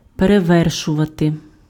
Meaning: to surpass, to outdo, to outclass, to outmatch, to outrival, to outshine, to outvie, to top
- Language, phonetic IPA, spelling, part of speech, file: Ukrainian, [pereˈʋɛrʃʊʋɐte], перевершувати, verb, Uk-перевершувати.ogg